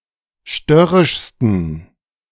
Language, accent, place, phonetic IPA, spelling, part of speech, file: German, Germany, Berlin, [ˈʃtœʁɪʃstn̩], störrischsten, adjective, De-störrischsten.ogg
- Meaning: 1. superlative degree of störrisch 2. inflection of störrisch: strong genitive masculine/neuter singular superlative degree